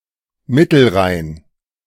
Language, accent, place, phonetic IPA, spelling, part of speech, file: German, Germany, Berlin, [ˈmɪtl̩ˌʁaɪ̯n], Mittelrhein, proper noun, De-Mittelrhein.ogg
- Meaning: Middle Rhine